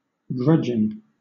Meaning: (adjective) Unwilling or with reluctance; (verb) present participle and gerund of grudge; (noun) The state of bearing a grudge
- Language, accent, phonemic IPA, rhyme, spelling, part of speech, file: English, Southern England, /ˈɡɹʌ.dʒɪŋ/, -ʌdʒɪŋ, grudging, adjective / verb / noun, LL-Q1860 (eng)-grudging.wav